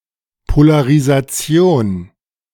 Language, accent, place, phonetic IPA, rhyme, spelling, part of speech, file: German, Germany, Berlin, [polaʁizaˈt͡si̯oːn], -oːn, Polarisation, noun, De-Polarisation.ogg
- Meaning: polarization